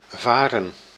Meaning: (verb) 1. to sail, to go by boat, to navigate 2. to ascend or descend 3. to fare 4. to travel over land, to go by bike, car, train etc; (noun) fern (plant of the class Polypodiopsida)
- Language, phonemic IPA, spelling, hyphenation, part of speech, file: Dutch, /ˈvaː.rə(n)/, varen, va‧ren, verb / noun, Nl-varen.ogg